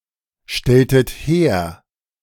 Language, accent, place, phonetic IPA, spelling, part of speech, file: German, Germany, Berlin, [ˌʃtɛltət ˈheːɐ̯], stelltet her, verb, De-stelltet her.ogg
- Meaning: inflection of herstellen: 1. second-person plural preterite 2. second-person plural subjunctive II